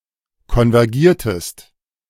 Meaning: inflection of konvergieren: 1. second-person singular preterite 2. second-person singular subjunctive II
- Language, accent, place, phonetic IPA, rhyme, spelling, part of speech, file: German, Germany, Berlin, [kɔnvɛʁˈɡiːɐ̯təst], -iːɐ̯təst, konvergiertest, verb, De-konvergiertest.ogg